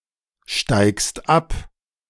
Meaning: second-person singular present of absteigen
- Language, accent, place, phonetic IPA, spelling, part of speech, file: German, Germany, Berlin, [ˌʃtaɪ̯kst ˈap], steigst ab, verb, De-steigst ab.ogg